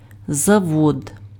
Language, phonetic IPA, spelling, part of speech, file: Ukrainian, [zɐˈwɔd], завод, noun, Uk-завод.ogg
- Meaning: factory, plant (industrial facility)